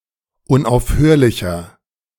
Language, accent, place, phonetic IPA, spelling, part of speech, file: German, Germany, Berlin, [ʊnʔaʊ̯fˈhøːɐ̯lɪçɐ], unaufhörlicher, adjective, De-unaufhörlicher.ogg
- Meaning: inflection of unaufhörlich: 1. strong/mixed nominative masculine singular 2. strong genitive/dative feminine singular 3. strong genitive plural